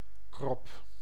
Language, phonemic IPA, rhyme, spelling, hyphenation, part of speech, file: Dutch, /krɔp/, -ɔp, krop, krop, noun, Nl-krop.ogg
- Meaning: 1. an unhealthy enlargement of a bird's gullet 2. the head (capitulum) of certain plants, especially lettuce 3. a tissue growth, a goitre, notably struma